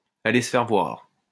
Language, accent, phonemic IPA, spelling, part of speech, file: French, France, /a.le s(ə) fɛʁ vwaʁ/, aller se faire voir, verb, LL-Q150 (fra)-aller se faire voir.wav
- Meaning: to get lost, go to hell